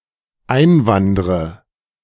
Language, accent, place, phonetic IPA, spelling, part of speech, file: German, Germany, Berlin, [ˈaɪ̯nˌvandʁə], einwandre, verb, De-einwandre.ogg
- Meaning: inflection of einwandern: 1. first-person singular dependent present 2. first/third-person singular dependent subjunctive I